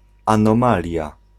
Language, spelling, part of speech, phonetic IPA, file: Polish, anomalia, noun, [ˌãnɔ̃ˈmalʲja], Pl-anomalia.ogg